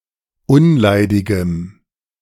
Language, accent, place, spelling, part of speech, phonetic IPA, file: German, Germany, Berlin, unleidigem, adjective, [ˈʊnˌlaɪ̯dɪɡəm], De-unleidigem.ogg
- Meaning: strong dative masculine/neuter singular of unleidig